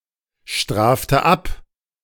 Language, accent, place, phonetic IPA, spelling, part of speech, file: German, Germany, Berlin, [ˌʃtʁaːftə ˈap], strafte ab, verb, De-strafte ab.ogg
- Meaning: inflection of abstrafen: 1. first-person singular present 2. first/third-person singular subjunctive I 3. singular imperative